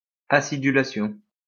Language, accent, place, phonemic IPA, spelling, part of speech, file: French, France, Lyon, /a.si.dy.la.sjɔ̃/, acidulation, noun, LL-Q150 (fra)-acidulation.wav
- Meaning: acidulation